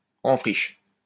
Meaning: 1. without culture 2. simple-minded, uncultivated
- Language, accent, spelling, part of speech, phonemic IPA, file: French, France, en friche, adjective, /ɑ̃ fʁiʃ/, LL-Q150 (fra)-en friche.wav